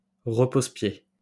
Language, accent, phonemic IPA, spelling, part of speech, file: French, France, /ʁə.poz.pje/, repose-pied, noun, LL-Q150 (fra)-repose-pied.wav
- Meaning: 1. footstool (a low stool) 2. footrest for motorcycle